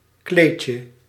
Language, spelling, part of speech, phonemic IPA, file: Dutch, kleedje, noun, /ˈklecə/, Nl-kleedje.ogg
- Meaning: 1. diminutive of kleed 2. dress 3. carpet